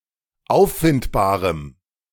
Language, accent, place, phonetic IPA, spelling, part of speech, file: German, Germany, Berlin, [ˈaʊ̯ffɪntbaːʁəm], auffindbarem, adjective, De-auffindbarem.ogg
- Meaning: strong dative masculine/neuter singular of auffindbar